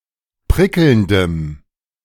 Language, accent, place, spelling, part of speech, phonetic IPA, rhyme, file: German, Germany, Berlin, prickelndem, adjective, [ˈpʁɪkl̩ndəm], -ɪkl̩ndəm, De-prickelndem.ogg
- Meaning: strong dative masculine/neuter singular of prickelnd